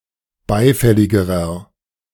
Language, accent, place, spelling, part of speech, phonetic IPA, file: German, Germany, Berlin, beifälligerer, adjective, [ˈbaɪ̯ˌfɛlɪɡəʁɐ], De-beifälligerer.ogg
- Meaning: inflection of beifällig: 1. strong/mixed nominative masculine singular comparative degree 2. strong genitive/dative feminine singular comparative degree 3. strong genitive plural comparative degree